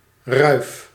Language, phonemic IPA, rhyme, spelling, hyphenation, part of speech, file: Dutch, /rœy̯f/, -œy̯f, ruif, ruif, noun, Nl-ruif.ogg
- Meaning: hayrack